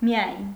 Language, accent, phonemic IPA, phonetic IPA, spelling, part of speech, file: Armenian, Eastern Armenian, /miˈɑjn/, [mi(j)ɑ́jn], միայն, adverb, Hy-միայն.ogg
- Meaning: only, solely, just